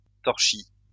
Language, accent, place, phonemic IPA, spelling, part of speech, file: French, France, Lyon, /tɔʁ.ʃi/, torchis, noun, LL-Q150 (fra)-torchis.wav
- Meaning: cob (building material)